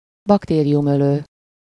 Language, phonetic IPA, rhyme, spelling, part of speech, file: Hungarian, [ˈbɒkteːrijumøløː], -løː, baktériumölő, adjective / noun, Hu-baktériumölő.ogg
- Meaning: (adjective) bactericidal (that kills bacteria); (noun) bactericide (any substance that kills bacteria)